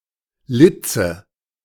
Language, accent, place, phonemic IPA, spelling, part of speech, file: German, Germany, Berlin, /ˈlɪtsə/, Litze, noun, De-Litze.ogg
- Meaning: 1. ornamental cord or fabric (braided or twisted); gimp; braid; trim 2. ornamental cord or fabric (braided or twisted); gimp; braid; trim: Such an ornament as insignia of corps or rank